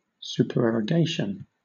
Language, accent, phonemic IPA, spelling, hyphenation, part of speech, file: English, Southern England, /ˌs(j)uːpəɹɛɹəˈɡeɪʃ(ə)n/, supererogation, su‧per‧e‧ro‧ga‧tion, noun, LL-Q1860 (eng)-supererogation.wav
- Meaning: 1. An act of doing more than is required 2. An action that is neither morally forbidden nor required, but has moral value